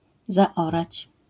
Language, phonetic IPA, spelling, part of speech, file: Polish, [zaˈɔrat͡ɕ], zaorać, verb, LL-Q809 (pol)-zaorać.wav